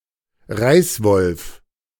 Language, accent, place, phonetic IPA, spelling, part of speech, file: German, Germany, Berlin, [ˈʁaɪ̯sˌvɔlf], Reißwolf, noun, De-Reißwolf.ogg
- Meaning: paper shredder